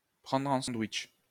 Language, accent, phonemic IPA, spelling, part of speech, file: French, France, /pʁɑ̃dʁ ɑ̃ sɑ̃.dwiʃ/, prendre en sandwich, verb, LL-Q150 (fra)-prendre en sandwich.wav
- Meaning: 1. to sandwich 2. to double-team